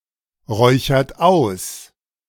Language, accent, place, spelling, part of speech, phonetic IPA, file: German, Germany, Berlin, räuchert aus, verb, [ˌʁɔɪ̯çɐt ˈaʊ̯s], De-räuchert aus.ogg
- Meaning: inflection of ausräuchern: 1. third-person singular present 2. second-person plural present 3. plural imperative